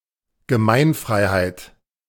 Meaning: public domain
- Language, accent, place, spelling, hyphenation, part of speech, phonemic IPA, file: German, Germany, Berlin, Gemeinfreiheit, Ge‧mein‧frei‧heit, noun, /ɡəˈmaɪ̯nˌfʁaɪ̯haɪ̯t/, De-Gemeinfreiheit.ogg